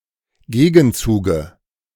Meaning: dative singular of Gegenzug
- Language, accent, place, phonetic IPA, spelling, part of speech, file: German, Germany, Berlin, [ˈɡeːɡn̩ˌt͡suːɡə], Gegenzuge, noun, De-Gegenzuge.ogg